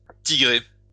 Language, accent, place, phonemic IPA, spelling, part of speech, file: French, France, Lyon, /ti.ɡʁe/, tigrer, verb, LL-Q150 (fra)-tigrer.wav
- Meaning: to stripe (as a tiger)